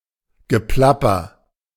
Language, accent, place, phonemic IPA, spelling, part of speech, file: German, Germany, Berlin, /ɡəˈplapɐ/, Geplapper, noun, De-Geplapper.ogg
- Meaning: babble; patter